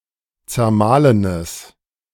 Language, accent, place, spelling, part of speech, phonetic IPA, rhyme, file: German, Germany, Berlin, zermahlenes, adjective, [t͡sɛɐ̯ˈmaːlənəs], -aːlənəs, De-zermahlenes.ogg
- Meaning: strong/mixed nominative/accusative neuter singular of zermahlen